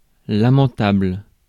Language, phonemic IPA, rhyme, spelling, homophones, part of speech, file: French, /la.mɑ̃.tabl/, -abl, lamentable, lamentables, adjective, Fr-lamentable.ogg
- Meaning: lamentable; awful; deplorable